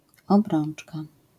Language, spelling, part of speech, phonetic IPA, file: Polish, obrączka, noun, [ɔbˈrɔ̃n͇t͡ʃka], LL-Q809 (pol)-obrączka.wav